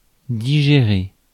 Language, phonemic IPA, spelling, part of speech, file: French, /di.ʒe.ʁe/, digérer, verb, Fr-digérer.ogg
- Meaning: 1. to digest 2. to come to terms with, to accept